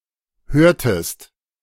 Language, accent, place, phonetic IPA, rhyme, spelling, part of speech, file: German, Germany, Berlin, [ˈhøːɐ̯təst], -øːɐ̯təst, hörtest, verb, De-hörtest.ogg
- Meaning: inflection of hören: 1. second-person singular preterite 2. second-person singular subjunctive II